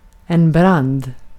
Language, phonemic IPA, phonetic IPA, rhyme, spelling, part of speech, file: Swedish, /brand/, [bran̪ːd̪], -and, brand, noun, Sv-brand.ogg
- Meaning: 1. a larger, uncontrolled fire (due to an accident, arson, or the like), a conflagration 2. a sword